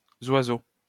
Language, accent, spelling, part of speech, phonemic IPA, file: French, France, zoiseau, noun, /zwa.zo/, LL-Q150 (fra)-zoiseau.wav
- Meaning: 1. bird 2. penis